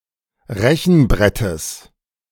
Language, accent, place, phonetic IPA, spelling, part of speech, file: German, Germany, Berlin, [ˈʁɛçn̩ˌbʁɛtəs], Rechenbrettes, noun, De-Rechenbrettes.ogg
- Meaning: genitive of Rechenbrett